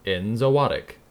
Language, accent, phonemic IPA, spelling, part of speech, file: English, US, /ɛn.zoʊˈɑt.ɪk/, enzootic, noun / adjective, En-us-enzootic.ogg
- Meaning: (noun) A disease that is consistently prevalent in a population of non-human animals in a limited region, season, or climate; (adjective) Like or having to do with an enzootic